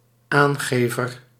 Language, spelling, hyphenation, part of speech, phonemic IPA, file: Dutch, aangever, aan‧ge‧ver, noun, /ˈaːnˌɣeː.vər/, Nl-aangever.ogg
- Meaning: 1. informant 2. declarant (person submitting a/the declaration) 3. one who hands something to someone, one who passes something on 4. stooge, straight man 5. betrayer